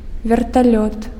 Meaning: helicopter
- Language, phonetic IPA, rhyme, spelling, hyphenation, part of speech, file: Belarusian, [vʲertaˈlʲot], -ot, верталёт, вер‧та‧лёт, noun, Be-верталёт.ogg